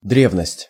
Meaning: 1. antiquity (time) 2. antiquities, virtu
- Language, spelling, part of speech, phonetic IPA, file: Russian, древность, noun, [ˈdrʲevnəsʲtʲ], Ru-древность.ogg